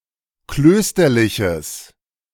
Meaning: strong/mixed nominative/accusative neuter singular of klösterlich
- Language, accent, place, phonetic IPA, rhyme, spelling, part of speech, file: German, Germany, Berlin, [ˈkløːstɐlɪçəs], -øːstɐlɪçəs, klösterliches, adjective, De-klösterliches.ogg